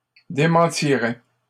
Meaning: third-person singular conditional of démentir
- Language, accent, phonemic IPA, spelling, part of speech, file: French, Canada, /de.mɑ̃.ti.ʁɛ/, démentirait, verb, LL-Q150 (fra)-démentirait.wav